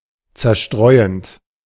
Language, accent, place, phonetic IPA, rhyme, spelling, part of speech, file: German, Germany, Berlin, [ˌt͡sɛɐ̯ˈʃtʁɔɪ̯ənt], -ɔɪ̯ənt, zerstreuend, verb, De-zerstreuend.ogg
- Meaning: present participle of zerstreuen